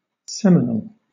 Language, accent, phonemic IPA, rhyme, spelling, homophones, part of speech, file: English, Southern England, /ˈsɛmɪnəl/, -ɛmɪnəl, seminal, Seminole, adjective / noun, LL-Q1860 (eng)-seminal.wav
- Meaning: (adjective) 1. Of or relating to seed or semen 2. Creative or having the power to originate